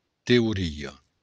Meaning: theory
- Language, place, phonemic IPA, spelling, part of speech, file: Occitan, Béarn, /te.u.ˈri.ɐ/, teoria, noun, LL-Q14185 (oci)-teoria.wav